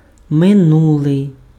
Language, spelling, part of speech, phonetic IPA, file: Ukrainian, минулий, adjective, [meˈnuɫei̯], Uk-минулий.ogg
- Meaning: 1. past 2. last 3. bygone 4. former